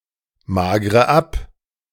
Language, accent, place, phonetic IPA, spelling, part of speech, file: German, Germany, Berlin, [ˌmaːɡʁə ˈap], magre ab, verb, De-magre ab.ogg
- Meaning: inflection of abmagern: 1. first-person singular present 2. first/third-person singular subjunctive I 3. singular imperative